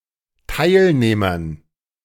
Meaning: dative plural of Teilnehmer
- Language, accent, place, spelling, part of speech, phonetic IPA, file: German, Germany, Berlin, Teilnehmern, noun, [ˈtaɪ̯lneːmɐn], De-Teilnehmern.ogg